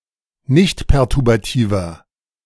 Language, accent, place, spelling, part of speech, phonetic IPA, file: German, Germany, Berlin, nichtperturbativer, adjective, [ˈnɪçtpɛʁtʊʁbaˌtiːvɐ], De-nichtperturbativer.ogg
- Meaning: inflection of nichtperturbativ: 1. strong/mixed nominative masculine singular 2. strong genitive/dative feminine singular 3. strong genitive plural